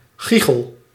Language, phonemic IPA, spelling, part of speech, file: Dutch, /ˈɣi.xəl/, giechel, noun / verb, Nl-giechel.ogg
- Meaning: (noun) 1. a giggle 2. face; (verb) inflection of giechelen: 1. first-person singular present indicative 2. second-person singular present indicative 3. imperative